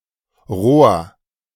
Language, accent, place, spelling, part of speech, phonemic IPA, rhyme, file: German, Germany, Berlin, Rohr, noun, /ʁoːɐ̯/, -oːɐ̯, De-Rohr.ogg
- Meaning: 1. duct, pipe, tube 2. blowpipe 3. cane 4. clipping of Geschützrohr (“barrel”) 5. erection